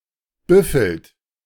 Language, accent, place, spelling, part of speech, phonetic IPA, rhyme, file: German, Germany, Berlin, büffelt, verb, [ˈbʏfl̩t], -ʏfl̩t, De-büffelt.ogg
- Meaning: inflection of büffeln: 1. third-person singular present 2. second-person plural present 3. plural imperative